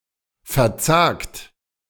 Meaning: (verb) 1. past participle of verzagen 2. inflection of verzagen: second-person plural present 3. inflection of verzagen: third-person singular present 4. inflection of verzagen: plural imperative
- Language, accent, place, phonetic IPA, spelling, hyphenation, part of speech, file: German, Germany, Berlin, [fɛɐ̯ˈt͡saːkt], verzagt, ver‧zagt, verb / adjective, De-verzagt.ogg